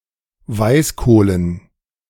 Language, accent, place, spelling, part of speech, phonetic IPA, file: German, Germany, Berlin, Weißkohlen, noun, [ˈvaɪ̯sˌkoːlən], De-Weißkohlen.ogg
- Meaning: dative plural of Weißkohl